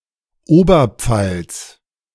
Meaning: Upper Palatinate (an administrative region of Bavaria; seat: Regensburg)
- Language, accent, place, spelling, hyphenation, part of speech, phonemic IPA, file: German, Germany, Berlin, Oberpfalz, Ober‧pfalz, proper noun, /ˈoːbɐˌp͡falt͡s/, De-Oberpfalz.ogg